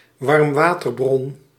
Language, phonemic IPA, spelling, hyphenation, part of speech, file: Dutch, /ʋɑrmˈʋaː.tərˌbrɔn/, warmwaterbron, warm‧wa‧ter‧bron, noun, Nl-warmwaterbron.ogg
- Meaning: hot spring